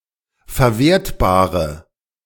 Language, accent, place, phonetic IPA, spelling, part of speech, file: German, Germany, Berlin, [fɛɐ̯ˈveːɐ̯tbaːʁə], verwertbare, adjective, De-verwertbare.ogg
- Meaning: inflection of verwertbar: 1. strong/mixed nominative/accusative feminine singular 2. strong nominative/accusative plural 3. weak nominative all-gender singular